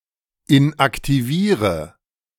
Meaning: inflection of inaktivieren: 1. first-person singular present 2. first/third-person singular subjunctive I 3. singular imperative
- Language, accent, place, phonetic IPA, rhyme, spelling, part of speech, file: German, Germany, Berlin, [ɪnʔaktiˈviːʁə], -iːʁə, inaktiviere, verb, De-inaktiviere.ogg